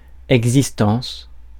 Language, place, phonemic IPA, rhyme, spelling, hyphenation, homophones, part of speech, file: French, Paris, /ɛɡ.zis.tɑ̃s/, -ɑ̃s, existence, exis‧tence, existences, noun, Fr-existence.ogg
- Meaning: 1. existence 2. life